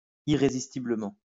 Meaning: irresistibly
- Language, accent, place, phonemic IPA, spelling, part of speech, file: French, France, Lyon, /i.ʁe.zis.ti.blə.mɑ̃/, irrésistiblement, adverb, LL-Q150 (fra)-irrésistiblement.wav